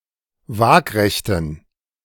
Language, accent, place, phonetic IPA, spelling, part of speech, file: German, Germany, Berlin, [ˈvaːkʁɛçtn̩], waagrechten, adjective, De-waagrechten.ogg
- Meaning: inflection of waagrecht: 1. strong genitive masculine/neuter singular 2. weak/mixed genitive/dative all-gender singular 3. strong/weak/mixed accusative masculine singular 4. strong dative plural